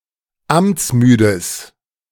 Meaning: strong/mixed nominative/accusative neuter singular of amtsmüde
- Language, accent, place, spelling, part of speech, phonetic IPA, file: German, Germany, Berlin, amtsmüdes, adjective, [ˈamt͡sˌmyːdəs], De-amtsmüdes.ogg